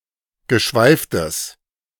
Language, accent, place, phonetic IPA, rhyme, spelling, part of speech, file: German, Germany, Berlin, [ɡəˈʃvaɪ̯ftəs], -aɪ̯ftəs, geschweiftes, adjective, De-geschweiftes.ogg
- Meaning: strong/mixed nominative/accusative neuter singular of geschweift